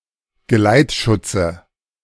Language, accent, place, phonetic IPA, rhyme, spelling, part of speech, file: German, Germany, Berlin, [ɡəˈlaɪ̯tˌʃʊt͡sə], -aɪ̯tʃʊt͡sə, Geleitschutze, noun, De-Geleitschutze.ogg
- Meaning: dative singular of Geleitschutz